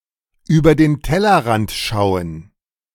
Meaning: to think outside the box
- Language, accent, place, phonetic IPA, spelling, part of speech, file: German, Germany, Berlin, [ˈyːbɐ deːn ˈtɛlɐˌʁant ˈʃaʊ̯ən], über den Tellerrand schauen, phrase, De-über den Tellerrand schauen.ogg